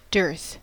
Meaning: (noun) 1. A period or condition when food is rare and hence expensive; famine 2. Scarcity; a lack or short supply 3. Dearness; the quality of being rare or costly
- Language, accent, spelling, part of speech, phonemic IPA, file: English, US, dearth, noun / verb, /dɝθ/, En-us-dearth.ogg